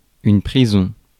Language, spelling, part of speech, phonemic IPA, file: French, prison, noun, /pʁi.zɔ̃/, Fr-prison.ogg
- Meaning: prison